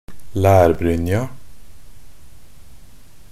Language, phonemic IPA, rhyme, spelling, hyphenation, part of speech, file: Norwegian Bokmål, /læːrbrʏnja/, -ʏnja, lærbrynja, lær‧bryn‧ja, noun, Nb-lærbrynja.ogg
- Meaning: definite feminine singular of lærbrynje